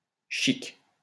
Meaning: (adjective) 1. elegant, fancy, stylish, posh, swank 2. considerate; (noun) 1. elegance 2. skillfulness; adroitness
- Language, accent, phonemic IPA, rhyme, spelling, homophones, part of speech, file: French, France, /ʃik/, -ik, chic, chics / chique / chiquent / chiques, adjective / noun, LL-Q150 (fra)-chic.wav